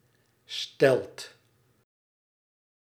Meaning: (noun) stilt (either of two poles with footrests that allow someone to stand or walk above the ground); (verb) inflection of stellen: second/third-person singular present indicative
- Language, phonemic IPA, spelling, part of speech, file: Dutch, /stɛlt/, stelt, noun / verb, Nl-stelt.ogg